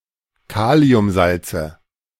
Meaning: nominative/accusative/genitive plural of Kaliumsalz
- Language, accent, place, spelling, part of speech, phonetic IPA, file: German, Germany, Berlin, Kaliumsalze, noun, [ˈkaːli̯ʊmˌzalt͡sə], De-Kaliumsalze.ogg